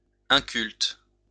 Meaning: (adjective) 1. uncultivated, fallow 2. uncultivated, uneducated, unread; uncultured; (noun) ignoramus, yokel
- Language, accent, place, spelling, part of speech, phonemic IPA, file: French, France, Lyon, inculte, adjective / noun, /ɛ̃.kylt/, LL-Q150 (fra)-inculte.wav